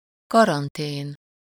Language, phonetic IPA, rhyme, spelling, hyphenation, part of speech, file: Hungarian, [ˈkɒrɒnteːn], -eːn, karantén, ka‧ran‧tén, noun, Hu-karantén.ogg
- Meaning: quarantine (a sanitary measure to prevent the spread of a contagious plague by isolating those believed or feared to be infected)